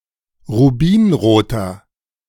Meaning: inflection of rubinrot: 1. strong/mixed nominative masculine singular 2. strong genitive/dative feminine singular 3. strong genitive plural
- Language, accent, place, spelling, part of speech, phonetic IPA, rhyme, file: German, Germany, Berlin, rubinroter, adjective, [ʁuˈbiːnʁoːtɐ], -iːnʁoːtɐ, De-rubinroter.ogg